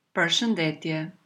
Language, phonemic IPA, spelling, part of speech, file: Albanian, /pəɾʃəndɛtjɛ/, përshëndetje, interjection, Sq-përshëndetje.oga
- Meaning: hello, greetings, goodbye